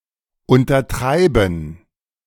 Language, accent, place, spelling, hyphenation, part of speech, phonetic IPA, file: German, Germany, Berlin, untertreiben, un‧ter‧trei‧ben, verb, [ˌʊntɐˈtʁaɪ̯bn̩], De-untertreiben.ogg
- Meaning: to understate